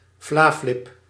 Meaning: a dessert made from vla, yogurt and cordial, mainly eaten by children
- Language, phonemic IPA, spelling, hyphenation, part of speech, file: Dutch, /ˈvlaː.flɪp/, vlaflip, vla‧flip, noun, Nl-vlaflip.ogg